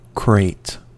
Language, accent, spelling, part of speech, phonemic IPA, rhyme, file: English, US, crate, noun / verb, /kɹeɪt/, -eɪt, En-us-crate.ogg
- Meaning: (noun) 1. A large open box or basket, used especially to transport fragile goods 2. A vehicle (car, aircraft, spacecraft, etc.) seen as unreliable